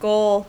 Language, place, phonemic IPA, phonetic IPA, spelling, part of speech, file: English, California, /ɡoʊl/, [ɡoɫ], goal, noun / verb, En-us-goal.ogg
- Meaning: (noun) 1. A result that one is attempting to achieve 2. To do with sports: In many sports, an area into which the players attempt to put an object